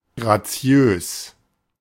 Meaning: graceful
- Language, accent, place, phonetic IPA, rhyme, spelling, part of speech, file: German, Germany, Berlin, [ɡʁaˈt͡si̯øːs], -øːs, graziös, adjective, De-graziös.ogg